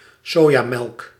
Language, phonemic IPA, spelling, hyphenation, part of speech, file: Dutch, /ˈsoː.jaːˌmɛlk/, sojamelk, so‧ja‧melk, noun, Nl-sojamelk.ogg
- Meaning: soy milk